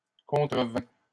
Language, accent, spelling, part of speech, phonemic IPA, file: French, Canada, contrevint, verb, /kɔ̃.tʁə.vɛ̃/, LL-Q150 (fra)-contrevint.wav
- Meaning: third-person singular past historic of contrevenir